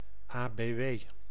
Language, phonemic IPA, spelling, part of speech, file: Dutch, /aːbeːˈʋeː/, ABW, proper noun, Nl-ABW.ogg
- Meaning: initialism of Algemene bijstandswet